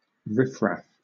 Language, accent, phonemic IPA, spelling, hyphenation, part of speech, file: English, Southern England, /ˈɹɪfɹæf/, riffraff, riff‧raff, noun, LL-Q1860 (eng)-riffraff.wav
- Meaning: 1. The rabble; crowds; people of a low, disreputable or undesirable class or position 2. Sweepings; refuse